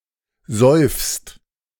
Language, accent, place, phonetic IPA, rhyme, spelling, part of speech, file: German, Germany, Berlin, [zɔɪ̯fst], -ɔɪ̯fst, säufst, verb, De-säufst.ogg
- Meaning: second-person singular present of saufen